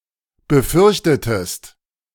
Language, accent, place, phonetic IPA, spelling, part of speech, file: German, Germany, Berlin, [bəˈfʏʁçtətəst], befürchtetest, verb, De-befürchtetest.ogg
- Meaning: inflection of befürchten: 1. second-person singular preterite 2. second-person singular subjunctive II